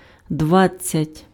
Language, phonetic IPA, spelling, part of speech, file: Ukrainian, [ˈdʋad͡zʲt͡sʲɐtʲ], двадцять, numeral, Uk-двадцять.ogg
- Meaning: twenty (20)